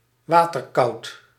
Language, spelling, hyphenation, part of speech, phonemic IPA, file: Dutch, waterkoud, wa‧ter‧koud, adjective, /ˈʋaː.tərˌkɑu̯t/, Nl-waterkoud.ogg
- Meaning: cold and damp